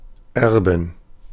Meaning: inflection of Erbe: 1. accusative/dative/genitive singular 2. all-case plural
- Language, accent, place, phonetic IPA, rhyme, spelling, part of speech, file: German, Germany, Berlin, [ˈɛʁbn̩], -ɛʁbn̩, Erben, noun, De-Erben.ogg